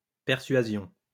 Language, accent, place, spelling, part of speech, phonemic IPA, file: French, France, Lyon, persuasion, noun, /pɛʁ.sɥa.zjɔ̃/, LL-Q150 (fra)-persuasion.wav
- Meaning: persuasion